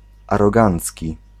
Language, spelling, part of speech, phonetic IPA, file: Polish, arogancki, adjective, [ˌarɔˈɡãnt͡sʲci], Pl-arogancki.ogg